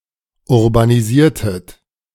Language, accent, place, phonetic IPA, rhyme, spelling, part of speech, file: German, Germany, Berlin, [ʊʁbaniˈziːɐ̯tət], -iːɐ̯tət, urbanisiertet, verb, De-urbanisiertet.ogg
- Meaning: inflection of urbanisieren: 1. second-person plural preterite 2. second-person plural subjunctive II